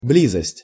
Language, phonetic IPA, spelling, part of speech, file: Russian, [ˈblʲizəsʲtʲ], близость, noun, Ru-близость.ogg
- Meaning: 1. nearness, proximity, closeness 2. intimacy